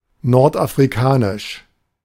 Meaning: North African
- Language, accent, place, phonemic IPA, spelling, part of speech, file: German, Germany, Berlin, /ˌnɔʁtʔafʁiˈkaːnɪʃ/, nordafrikanisch, adjective, De-nordafrikanisch.ogg